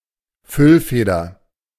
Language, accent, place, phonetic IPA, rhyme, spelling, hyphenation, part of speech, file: German, Germany, Berlin, [ˈfʏlˌfeːdɐ], -eːdɐ, Füllfeder, Füll‧fe‧der, noun, De-Füllfeder.ogg
- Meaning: fountain pen